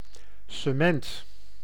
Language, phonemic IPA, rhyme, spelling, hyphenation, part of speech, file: Dutch, /səˈmɛnt/, -ɛnt, cement, ce‧ment, noun, Nl-cement.ogg
- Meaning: cement (powder, paste)